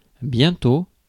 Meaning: soon
- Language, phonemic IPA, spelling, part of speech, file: French, /bjɛ̃.to/, bientôt, adverb, Fr-bientôt.ogg